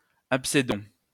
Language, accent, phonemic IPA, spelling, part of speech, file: French, France, /ap.se.dɔ̃/, abcédons, verb, LL-Q150 (fra)-abcédons.wav
- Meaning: inflection of abcéder: 1. first-person plural present indicative 2. first-person plural imperative